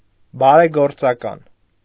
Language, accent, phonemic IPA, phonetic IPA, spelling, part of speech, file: Armenian, Eastern Armenian, /bɑɾeɡoɾt͡sɑˈkɑn/, [bɑɾeɡoɾt͡sɑkɑ́n], բարեգործական, adjective, Hy-բարեգործական.ogg
- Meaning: charitable, benevolent, philanthropic